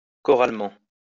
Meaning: chorally
- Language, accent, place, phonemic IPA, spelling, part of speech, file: French, France, Lyon, /kɔ.ʁal.mɑ̃/, choralement, adverb, LL-Q150 (fra)-choralement.wav